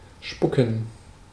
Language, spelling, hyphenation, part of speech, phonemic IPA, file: German, spucken, spu‧cken, verb, /ˈʃpʊkən/, De-spucken.ogg
- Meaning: 1. to spit 2. to vomit